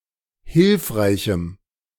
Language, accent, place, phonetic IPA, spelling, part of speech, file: German, Germany, Berlin, [ˈhɪlfʁaɪ̯çm̩], hilfreichem, adjective, De-hilfreichem.ogg
- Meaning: strong dative masculine/neuter singular of hilfreich